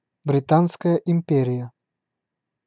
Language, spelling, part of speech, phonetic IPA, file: Russian, Британская империя, proper noun, [brʲɪˈtanskəjə ɪm⁽ʲ⁾ˈpʲerʲɪjə], Ru-Британская империя.ogg
- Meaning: British Empire (a former empire ruled by the United Kingdom)